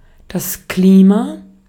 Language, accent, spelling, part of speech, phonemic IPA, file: German, Austria, Klima, noun / proper noun, /ˈkliːma/, De-at-Klima.ogg
- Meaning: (noun) 1. climate 2. clipping of Klimaanlage; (proper noun) a surname